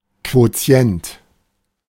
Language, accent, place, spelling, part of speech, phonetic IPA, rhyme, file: German, Germany, Berlin, Quotient, noun, [ˌkvoˈt͡si̯ɛnt], -ɛnt, De-Quotient.ogg
- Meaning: quotient (number resulting from division)